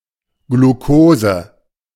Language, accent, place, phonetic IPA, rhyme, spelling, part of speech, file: German, Germany, Berlin, [ɡluˈkoːzə], -oːzə, Glukose, noun, De-Glukose.ogg
- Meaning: glucose